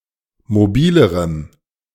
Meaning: strong dative masculine/neuter singular comparative degree of mobil
- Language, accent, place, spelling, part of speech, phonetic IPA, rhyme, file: German, Germany, Berlin, mobilerem, adjective, [moˈbiːləʁəm], -iːləʁəm, De-mobilerem.ogg